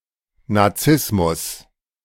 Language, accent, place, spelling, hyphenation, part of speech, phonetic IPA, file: German, Germany, Berlin, Nazismus, Na‧zis‧mus, noun, [naˈt͡sɪsmʊs], De-Nazismus.ogg
- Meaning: Nazism